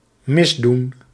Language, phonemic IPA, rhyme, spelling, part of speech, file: Dutch, /mɪzˈdun/, -un, misdoen, verb, Nl-misdoen.ogg
- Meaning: to misdo, to do wrong